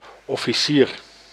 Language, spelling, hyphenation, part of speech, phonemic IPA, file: Dutch, officier, of‧fi‧cier, noun, /ɔ.fiˈsir/, Nl-officier.ogg
- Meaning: 1. officer 2. official 3. plantation overseer